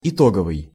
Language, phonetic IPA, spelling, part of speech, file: Russian, [ɪˈtoɡəvɨj], итоговый, adjective, Ru-итоговый.ogg
- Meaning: 1. total, resultant 2. final, closing, concluding